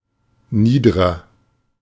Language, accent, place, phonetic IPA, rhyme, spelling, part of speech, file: German, Germany, Berlin, [ˈniːdəʁɐ], -iːdəʁɐ, niederer, adjective, De-niederer.ogg
- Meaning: 1. comparative degree of nieder 2. inflection of nieder: strong/mixed nominative masculine singular 3. inflection of nieder: strong genitive/dative feminine singular